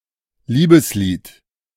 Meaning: love song
- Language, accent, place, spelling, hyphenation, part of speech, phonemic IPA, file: German, Germany, Berlin, Liebeslied, Lie‧bes‧lied, noun, /ˈliːbəsˌliːt/, De-Liebeslied.ogg